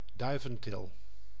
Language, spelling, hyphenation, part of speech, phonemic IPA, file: Dutch, duiventil, dui‧ven‧til, noun, /ˈdœy̯.və(n)ˌtɪl/, Nl-duiventil.ogg
- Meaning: dovecote